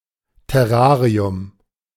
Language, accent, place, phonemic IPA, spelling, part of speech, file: German, Germany, Berlin, /tɛˈʁaːʁi̯ʊm/, Terrarium, noun, De-Terrarium.ogg
- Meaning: terrarium